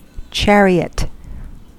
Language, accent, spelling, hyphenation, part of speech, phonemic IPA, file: English, US, chariot, char‧i‧ot, noun / verb, /ˈt͡ʃɛɹi.ət/, En-us-chariot.ogg
- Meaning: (noun) 1. A two-wheeled horse-drawn cart, used in Bronze Age and Early Iron Age warfare 2. A light (four-wheeled) carriage used for ceremonial or pleasure purposes 3. The rook piece